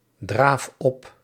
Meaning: inflection of opdraven: 1. first-person singular present indicative 2. second-person singular present indicative 3. imperative
- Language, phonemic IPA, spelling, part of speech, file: Dutch, /ˈdraf ˈɔp/, draaf op, verb, Nl-draaf op.ogg